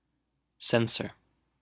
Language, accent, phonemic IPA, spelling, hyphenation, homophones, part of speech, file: English, General American, /ˈsɛnsɚ/, censor, cens‧or, censer / sensor, noun / verb, En-us-censor.wav